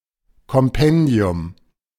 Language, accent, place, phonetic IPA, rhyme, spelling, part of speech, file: German, Germany, Berlin, [kɔmˈpɛndi̯ʊm], -ɛndi̯ʊm, Kompendium, noun, De-Kompendium.ogg
- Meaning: compendium